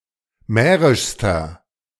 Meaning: inflection of mährisch: 1. strong/mixed nominative masculine singular superlative degree 2. strong genitive/dative feminine singular superlative degree 3. strong genitive plural superlative degree
- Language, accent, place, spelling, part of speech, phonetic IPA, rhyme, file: German, Germany, Berlin, mährischster, adjective, [ˈmɛːʁɪʃstɐ], -ɛːʁɪʃstɐ, De-mährischster.ogg